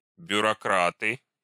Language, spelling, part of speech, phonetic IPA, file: Russian, бюрократы, noun, [bʲʊrɐˈkratɨ], Ru-бюрократы.ogg
- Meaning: nominative plural of бюрокра́т (bjurokrát)